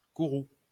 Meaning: ire, wrath
- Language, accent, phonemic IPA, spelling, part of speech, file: French, France, /ku.ʁu/, courroux, noun, LL-Q150 (fra)-courroux.wav